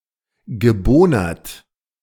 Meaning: past participle of bohnern
- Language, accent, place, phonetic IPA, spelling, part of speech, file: German, Germany, Berlin, [ɡəˈboːnɐt], gebohnert, verb, De-gebohnert.ogg